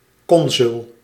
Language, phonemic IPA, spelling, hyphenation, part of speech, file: Dutch, /ˈkɔnzʏl/, consul, con‧sul, noun, Nl-consul.ogg
- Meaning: 1. consul (official in foreign country) 2. consul (of the Roman Republic)